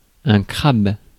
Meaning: 1. crab 2. cancer
- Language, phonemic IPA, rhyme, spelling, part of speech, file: French, /kʁab/, -ab, crabe, noun, Fr-crabe.ogg